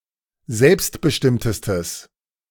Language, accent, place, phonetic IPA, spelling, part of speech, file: German, Germany, Berlin, [ˈzɛlpstbəˌʃtɪmtəstəs], selbstbestimmtestes, adjective, De-selbstbestimmtestes.ogg
- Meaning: strong/mixed nominative/accusative neuter singular superlative degree of selbstbestimmt